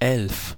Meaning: eleven
- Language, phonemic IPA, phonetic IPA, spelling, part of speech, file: German, /ɛlf/, [ʔɛlf], elf, numeral, De-elf.ogg